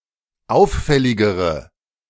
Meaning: inflection of auffällig: 1. strong/mixed nominative/accusative feminine singular comparative degree 2. strong nominative/accusative plural comparative degree
- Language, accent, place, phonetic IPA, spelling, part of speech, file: German, Germany, Berlin, [ˈaʊ̯fˌfɛlɪɡəʁə], auffälligere, adjective, De-auffälligere.ogg